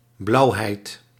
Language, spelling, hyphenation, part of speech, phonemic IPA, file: Dutch, blauwheid, blauw‧heid, noun, /ˈblɑu̯.ɦɛi̯t/, Nl-blauwheid.ogg
- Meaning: 1. blueness 2. something blue